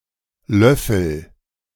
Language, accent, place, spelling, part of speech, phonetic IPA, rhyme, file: German, Germany, Berlin, löffel, verb, [ˈlœfl̩], -œfl̩, De-löffel.ogg
- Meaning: inflection of löffeln: 1. first-person singular present 2. singular imperative